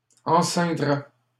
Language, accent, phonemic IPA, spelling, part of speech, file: French, Canada, /ɑ̃.sɛ̃.dʁɛ/, enceindraient, verb, LL-Q150 (fra)-enceindraient.wav
- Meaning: third-person plural conditional of enceindre